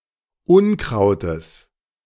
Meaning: genitive singular of Unkraut
- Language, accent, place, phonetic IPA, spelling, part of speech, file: German, Germany, Berlin, [ˈʊnˌkʁaʊ̯təs], Unkrautes, noun, De-Unkrautes.ogg